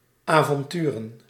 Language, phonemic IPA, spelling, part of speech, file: Dutch, /ˌavɔnˈtyrə(n)/, avonturen, verb / noun, Nl-avonturen.ogg
- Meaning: plural of avontuur